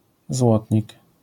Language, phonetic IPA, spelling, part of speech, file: Polish, [ˈzwɔtʲɲik], złotnik, noun, LL-Q809 (pol)-złotnik.wav